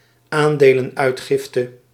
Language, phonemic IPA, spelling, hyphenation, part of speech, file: Dutch, /ˈaːn.deː.lə(n)ˌœy̯t.xɪf.tə/, aandelenuitgifte, aan‧de‧len‧uit‧gif‧te, noun, Nl-aandelenuitgifte.ogg
- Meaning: emission of stocks